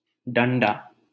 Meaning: alternative spelling of डंडा (ḍaṇḍā)
- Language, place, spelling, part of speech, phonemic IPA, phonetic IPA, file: Hindi, Delhi, डण्डा, noun, /ɖəɳ.ɖɑː/, [ɖɐ̃ɳ.ɖäː], LL-Q1568 (hin)-डण्डा.wav